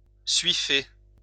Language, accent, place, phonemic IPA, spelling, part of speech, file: French, France, Lyon, /sɥi.fe/, suiffer, verb, LL-Q150 (fra)-suiffer.wav
- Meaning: to coat or wrap in suet or tallow